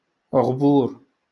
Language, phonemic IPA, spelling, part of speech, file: Moroccan Arabic, /ɣbuːr/, غبور, noun, LL-Q56426 (ary)-غبور.wav
- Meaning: absence, disappearance